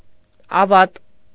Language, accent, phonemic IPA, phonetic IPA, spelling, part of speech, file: Armenian, Eastern Armenian, /ɑˈvɑt/, [ɑvɑ́t], ավատ, noun, Hy-ավատ.ogg
- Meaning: feud, fief